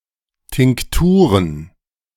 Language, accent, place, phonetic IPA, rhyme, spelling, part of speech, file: German, Germany, Berlin, [tɪŋkˈtuːʁən], -uːʁən, Tinkturen, noun, De-Tinkturen.ogg
- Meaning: plural of Tinktur